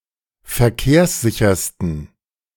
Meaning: 1. superlative degree of verkehrssicher 2. inflection of verkehrssicher: strong genitive masculine/neuter singular superlative degree
- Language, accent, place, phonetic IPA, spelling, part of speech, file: German, Germany, Berlin, [fɛɐ̯ˈkeːɐ̯sˌzɪçɐstn̩], verkehrssichersten, adjective, De-verkehrssichersten.ogg